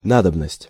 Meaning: need, necessity
- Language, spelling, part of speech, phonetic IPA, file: Russian, надобность, noun, [ˈnadəbnəsʲtʲ], Ru-надобность.ogg